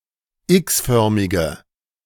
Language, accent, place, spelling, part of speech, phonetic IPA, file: German, Germany, Berlin, x-förmige, adjective, [ˈɪksˌfœʁmɪɡə], De-x-förmige.ogg
- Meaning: inflection of x-förmig: 1. strong/mixed nominative/accusative feminine singular 2. strong nominative/accusative plural 3. weak nominative all-gender singular